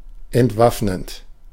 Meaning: present participle of entwaffnen
- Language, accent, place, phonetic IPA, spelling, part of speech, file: German, Germany, Berlin, [ɛntˈvafnənt], entwaffnend, adjective / verb, De-entwaffnend.ogg